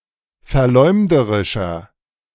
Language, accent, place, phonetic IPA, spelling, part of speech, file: German, Germany, Berlin, [fɛɐ̯ˈlɔɪ̯mdəʁɪʃɐ], verleumderischer, adjective, De-verleumderischer.ogg
- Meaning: 1. comparative degree of verleumderisch 2. inflection of verleumderisch: strong/mixed nominative masculine singular 3. inflection of verleumderisch: strong genitive/dative feminine singular